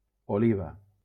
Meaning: 1. a female given name 2. a city in Valencia, Valencian Community, Spain
- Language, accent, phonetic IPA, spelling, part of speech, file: Catalan, Valencia, [oˈli.va], Oliva, proper noun, LL-Q7026 (cat)-Oliva.wav